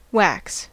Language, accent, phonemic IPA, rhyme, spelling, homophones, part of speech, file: English, US, /wæks/, -æks, wax, whacks, noun / adjective / verb, En-us-wax.ogg
- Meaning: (noun) 1. Any oily, water-resistant, solid or semisolid substance; normally long-chain hydrocarbons, alcohols or esters 2. Beeswax (a wax secreted by bees) 3. Earwax (a wax secreted by the ears)